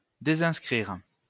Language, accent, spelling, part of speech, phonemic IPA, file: French, France, désinscrire, verb, /de.zɛ̃s.kʁiʁ/, LL-Q150 (fra)-désinscrire.wav
- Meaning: to unsubscribe